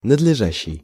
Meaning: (verb) present active imperfective participle of надлежа́ть (nadležátʹ); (adjective) proper, fitting, suitable
- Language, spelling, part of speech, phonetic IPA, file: Russian, надлежащий, verb / adjective, [nədlʲɪˈʐaɕːɪj], Ru-надлежащий.ogg